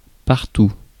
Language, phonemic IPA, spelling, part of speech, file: French, /paʁ.tu/, partout, adverb, Fr-partout.ogg
- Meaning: everywhere